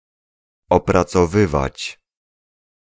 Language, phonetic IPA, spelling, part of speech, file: Polish, [ˌɔprat͡sɔˈvɨvat͡ɕ], opracowywać, verb, Pl-opracowywać.ogg